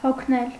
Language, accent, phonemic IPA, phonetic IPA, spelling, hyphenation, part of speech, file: Armenian, Eastern Armenian, /hokʰˈnel/, [hokʰnél], հոգնել, հոգ‧նել, verb, Hy-հոգնել.ogg
- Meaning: to become tired, exhausted